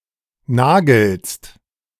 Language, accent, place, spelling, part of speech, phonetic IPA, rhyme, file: German, Germany, Berlin, nagelst, verb, [ˈnaːɡl̩st], -aːɡl̩st, De-nagelst.ogg
- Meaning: second-person singular present of nageln